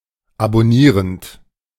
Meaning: present participle of abonnieren
- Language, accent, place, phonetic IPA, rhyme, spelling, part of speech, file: German, Germany, Berlin, [abɔˈniːʁənt], -iːʁənt, abonnierend, verb, De-abonnierend.ogg